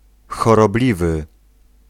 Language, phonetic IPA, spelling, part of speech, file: Polish, [ˌxɔrɔˈblʲivɨ], chorobliwy, adjective, Pl-chorobliwy.ogg